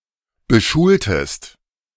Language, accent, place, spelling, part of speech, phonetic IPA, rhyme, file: German, Germany, Berlin, beschultest, verb, [bəˈʃuːltəst], -uːltəst, De-beschultest.ogg
- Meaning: inflection of beschulen: 1. second-person singular preterite 2. second-person singular subjunctive II